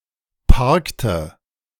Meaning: inflection of parken: 1. first/third-person singular preterite 2. first/third-person singular subjunctive II
- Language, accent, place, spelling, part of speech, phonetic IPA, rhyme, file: German, Germany, Berlin, parkte, verb, [ˈpaʁktə], -aʁktə, De-parkte.ogg